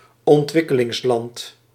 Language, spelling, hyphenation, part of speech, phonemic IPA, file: Dutch, ontwikkelingsland, ont‧wik‧ke‧lings‧land, noun, /ɔntˈʋɪ.kə.lɪŋsˌlɑnt/, Nl-ontwikkelingsland.ogg
- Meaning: developing country